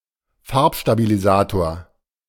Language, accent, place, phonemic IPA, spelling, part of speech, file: German, Germany, Berlin, /ˈfaʁpʃtabiliˌzaːtoɐ̯/, Farbstabilisator, noun, De-Farbstabilisator.ogg
- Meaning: colour retention agent (compound added to a food product)